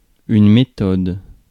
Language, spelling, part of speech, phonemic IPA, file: French, méthode, noun, /me.tɔd/, Fr-méthode.ogg
- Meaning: 1. method 2. book, textbook